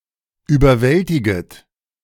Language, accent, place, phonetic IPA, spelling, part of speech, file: German, Germany, Berlin, [yːbɐˈvɛltɪɡət], überwältiget, verb, De-überwältiget.ogg
- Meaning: second-person plural subjunctive I of überwältigen